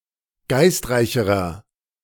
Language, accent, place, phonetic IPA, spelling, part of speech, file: German, Germany, Berlin, [ˈɡaɪ̯stˌʁaɪ̯çəʁɐ], geistreicherer, adjective, De-geistreicherer.ogg
- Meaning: inflection of geistreich: 1. strong/mixed nominative masculine singular comparative degree 2. strong genitive/dative feminine singular comparative degree 3. strong genitive plural comparative degree